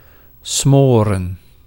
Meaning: 1. to smother, to suffocate, to deprive of oxygen 2. to muffle, to repress, to diminish, to die out 3. to braise 4. to smoke weed
- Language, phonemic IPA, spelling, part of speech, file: Dutch, /ˈsmorə(n)/, smoren, verb, Nl-smoren.ogg